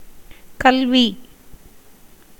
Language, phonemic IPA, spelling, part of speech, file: Tamil, /kɐlʋiː/, கல்வி, noun, Ta-கல்வி.ogg
- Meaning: 1. education 2. learning, erudition 3. science, letters, arts